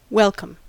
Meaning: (adjective) 1. Whose arrival is a cause of joy; received with gladness; admitted willingly to the house, entertainment, or company 2. Producing gladness
- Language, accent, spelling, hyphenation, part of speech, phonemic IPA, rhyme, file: English, US, welcome, wel‧come, adjective / interjection / noun / verb, /ˈwɛl.kəm/, -ɛlkəm, En-us-welcome.ogg